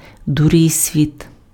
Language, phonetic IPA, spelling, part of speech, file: Ukrainian, [dʊˈrɪsʲʋʲit], дурисвіт, noun, Uk-дурисвіт.ogg
- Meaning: cheat, deceiver, fraud, faker, trickster